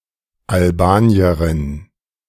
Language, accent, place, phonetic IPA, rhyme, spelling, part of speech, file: German, Germany, Berlin, [alˈbaːni̯əʁɪn], -aːni̯əʁɪn, Albanierin, noun, De-Albanierin.ogg
- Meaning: alternative form of Albanerin, female equivalent of Albanier